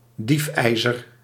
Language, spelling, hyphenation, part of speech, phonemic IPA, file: Dutch, diefijzer, dief‧ij‧zer, noun, /ˈdifˌɛi̯.zər/, Nl-diefijzer.ogg
- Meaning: set of metal bars on a window